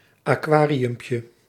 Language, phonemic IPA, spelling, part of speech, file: Dutch, /aˈkwarijʏmpjə/, aquariumpje, noun, Nl-aquariumpje.ogg
- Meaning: diminutive of aquarium